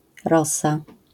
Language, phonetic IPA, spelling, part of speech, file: Polish, [ˈrɔsa], rosa, noun, LL-Q809 (pol)-rosa.wav